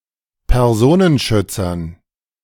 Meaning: dative plural of Personenschützer
- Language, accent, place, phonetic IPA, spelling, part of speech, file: German, Germany, Berlin, [pɛʁˈzoːnənˌʃʏt͡sɐn], Personenschützern, noun, De-Personenschützern.ogg